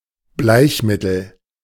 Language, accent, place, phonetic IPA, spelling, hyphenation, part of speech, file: German, Germany, Berlin, [ˈblaɪ̯çˌmɪtl̩], Bleichmittel, Bleich‧mit‧tel, noun, De-Bleichmittel.ogg
- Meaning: 1. bleach 2. whitener